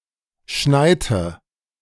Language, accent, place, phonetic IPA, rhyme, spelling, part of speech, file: German, Germany, Berlin, [ˈʃnaɪ̯tə], -aɪ̯tə, schneite, verb, De-schneite.ogg
- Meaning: inflection of schneien: 1. first/third-person singular preterite 2. first/third-person singular subjunctive II